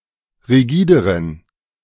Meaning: inflection of rigide: 1. strong genitive masculine/neuter singular comparative degree 2. weak/mixed genitive/dative all-gender singular comparative degree
- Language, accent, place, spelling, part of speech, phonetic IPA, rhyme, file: German, Germany, Berlin, rigideren, adjective, [ʁiˈɡiːdəʁən], -iːdəʁən, De-rigideren.ogg